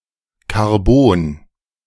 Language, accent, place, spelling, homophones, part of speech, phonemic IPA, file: German, Germany, Berlin, Carbon, Karbon, noun, /kaʁˈboːn/, De-Carbon.ogg
- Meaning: 1. carbon fiber (composite material) 2. carbon